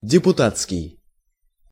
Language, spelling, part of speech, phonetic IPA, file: Russian, депутатский, adjective, [dʲɪpʊˈtat͡skʲɪj], Ru-депутатский.ogg
- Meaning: deputy, delegate